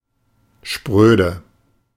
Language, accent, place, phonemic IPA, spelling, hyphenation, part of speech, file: German, Germany, Berlin, /ˈʃpʁøːdə/, spröde, sprö‧de, adjective, De-spröde.ogg
- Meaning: 1. brittle 2. rough, chapped (skin) 3. prudish, reserved, aloof, restrained, prim